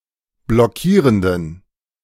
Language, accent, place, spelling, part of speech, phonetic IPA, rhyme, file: German, Germany, Berlin, blockierenden, adjective, [blɔˈkiːʁəndn̩], -iːʁəndn̩, De-blockierenden.ogg
- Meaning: inflection of blockierend: 1. strong genitive masculine/neuter singular 2. weak/mixed genitive/dative all-gender singular 3. strong/weak/mixed accusative masculine singular 4. strong dative plural